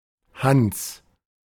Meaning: a male given name of rare usage, variant of Hans
- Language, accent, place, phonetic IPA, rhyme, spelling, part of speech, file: German, Germany, Berlin, [hans], -ans, Hanns, proper noun, De-Hanns.ogg